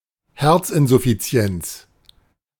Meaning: heart failure
- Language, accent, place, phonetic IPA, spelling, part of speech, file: German, Germany, Berlin, [ˈhɛʁt͡sˌʔɪnzʊfit͡si̯ɛnt͡s], Herzinsuffizienz, noun, De-Herzinsuffizienz.ogg